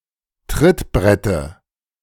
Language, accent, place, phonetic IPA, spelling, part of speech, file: German, Germany, Berlin, [ˈtʁɪtˌbʁɛtə], Trittbrette, noun, De-Trittbrette.ogg
- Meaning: dative of Trittbrett